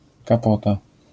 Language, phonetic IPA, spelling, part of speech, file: Polish, [kaˈpɔta], kapota, noun, LL-Q809 (pol)-kapota.wav